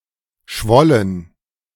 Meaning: first/third-person plural preterite of schwellen
- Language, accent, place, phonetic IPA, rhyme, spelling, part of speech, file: German, Germany, Berlin, [ˈʃvɔlən], -ɔlən, schwollen, verb, De-schwollen.ogg